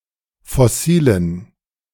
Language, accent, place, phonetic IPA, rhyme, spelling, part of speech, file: German, Germany, Berlin, [fɔˈsiːlən], -iːlən, fossilen, adjective, De-fossilen.ogg
- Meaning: inflection of fossil: 1. strong genitive masculine/neuter singular 2. weak/mixed genitive/dative all-gender singular 3. strong/weak/mixed accusative masculine singular 4. strong dative plural